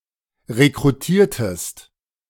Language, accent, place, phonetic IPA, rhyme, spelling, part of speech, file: German, Germany, Berlin, [ʁekʁuˈtiːɐ̯təst], -iːɐ̯təst, rekrutiertest, verb, De-rekrutiertest.ogg
- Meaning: inflection of rekrutieren: 1. second-person singular preterite 2. second-person singular subjunctive II